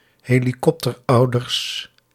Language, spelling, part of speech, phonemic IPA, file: Dutch, helikopterouders, noun, /ˌheliˈkɔptərˌɑudərs/, Nl-helikopterouders.ogg
- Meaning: plural of helikopterouder